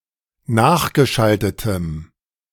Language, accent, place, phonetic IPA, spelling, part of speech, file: German, Germany, Berlin, [ˈnaːxɡəˌʃaltətəm], nachgeschaltetem, adjective, De-nachgeschaltetem.ogg
- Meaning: strong dative masculine/neuter singular of nachgeschaltet